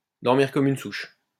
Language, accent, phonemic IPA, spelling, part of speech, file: French, France, /dɔʁ.miʁ kɔ.m‿yn suʃ/, dormir comme une souche, verb, LL-Q150 (fra)-dormir comme une souche.wav
- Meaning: to sleep like a log